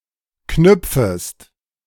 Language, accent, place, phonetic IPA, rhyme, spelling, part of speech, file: German, Germany, Berlin, [ˈknʏp͡fəst], -ʏp͡fəst, knüpfest, verb, De-knüpfest.ogg
- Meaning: second-person singular subjunctive I of knüpfen